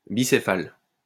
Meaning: bicephalous
- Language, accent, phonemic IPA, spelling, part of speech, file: French, France, /bi.se.fal/, bicéphale, adjective, LL-Q150 (fra)-bicéphale.wav